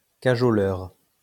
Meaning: cuddler (someone who cuddles)
- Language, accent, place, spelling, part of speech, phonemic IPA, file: French, France, Lyon, cajoleur, noun, /ka.ʒɔ.lœʁ/, LL-Q150 (fra)-cajoleur.wav